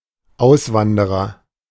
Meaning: emigrant (male or of unspecified gender)
- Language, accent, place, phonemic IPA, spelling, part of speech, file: German, Germany, Berlin, /ˈʔaʊ̯sˌvandəʁɐ/, Auswanderer, noun, De-Auswanderer.ogg